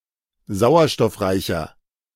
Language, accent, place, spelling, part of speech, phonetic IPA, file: German, Germany, Berlin, sauerstoffreicher, adjective, [ˈzaʊ̯ɐʃtɔfˌʁaɪ̯çɐ], De-sauerstoffreicher.ogg
- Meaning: inflection of sauerstoffreich: 1. strong/mixed nominative masculine singular 2. strong genitive/dative feminine singular 3. strong genitive plural